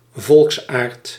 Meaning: national character (set of dispositional or cultural traits in a person supposedly typical of a nation)
- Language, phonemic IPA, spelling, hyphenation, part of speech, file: Dutch, /ˈvɔlks.aːrt/, volksaard, volks‧aard, noun, Nl-volksaard.ogg